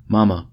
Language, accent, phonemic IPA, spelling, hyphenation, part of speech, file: English, General American, /ˈmɑmə/, momma, mom‧ma, noun, En-us-momma.ogg
- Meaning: Alternative spelling of mama